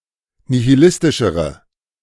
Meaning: inflection of nihilistisch: 1. strong/mixed nominative/accusative feminine singular comparative degree 2. strong nominative/accusative plural comparative degree
- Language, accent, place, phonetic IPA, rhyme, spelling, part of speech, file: German, Germany, Berlin, [nihiˈlɪstɪʃəʁə], -ɪstɪʃəʁə, nihilistischere, adjective, De-nihilistischere.ogg